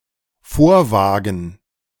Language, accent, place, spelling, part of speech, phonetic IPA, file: German, Germany, Berlin, vorwagen, verb, [ˈfoːɐ̯ˌvaːɡn̩], De-vorwagen.ogg
- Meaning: to venture forward